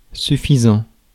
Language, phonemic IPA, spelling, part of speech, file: French, /sy.fi.zɑ̃/, suffisant, adjective / verb, Fr-suffisant.ogg
- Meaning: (adjective) 1. sufficient; enough 2. sufficient 3. smug, vain, self-righteous; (verb) present participle of suffire